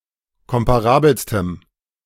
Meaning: strong dative masculine/neuter singular superlative degree of komparabel
- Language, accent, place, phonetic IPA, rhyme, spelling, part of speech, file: German, Germany, Berlin, [ˌkɔmpaˈʁaːbl̩stəm], -aːbl̩stəm, komparabelstem, adjective, De-komparabelstem.ogg